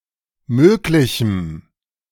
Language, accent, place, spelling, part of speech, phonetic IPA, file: German, Germany, Berlin, möglichem, adjective, [ˈmøːklɪçm̩], De-möglichem.ogg
- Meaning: strong dative masculine/neuter singular of möglich